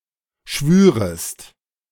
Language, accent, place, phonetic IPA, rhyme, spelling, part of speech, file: German, Germany, Berlin, [ˈʃvyːʁəst], -yːʁəst, schwürest, verb, De-schwürest.ogg
- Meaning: second-person singular subjunctive II of schwören